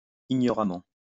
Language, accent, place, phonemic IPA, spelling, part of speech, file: French, France, Lyon, /i.ɲɔ.ʁa.mɑ̃/, ignoramment, adverb, LL-Q150 (fra)-ignoramment.wav
- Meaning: ignorantly